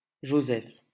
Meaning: 1. Joseph (biblical figure) 2. a male given name from Hebrew, equivalent to English Joseph
- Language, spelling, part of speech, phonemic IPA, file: French, Joseph, proper noun, /ʒo.zɛf/, LL-Q150 (fra)-Joseph.wav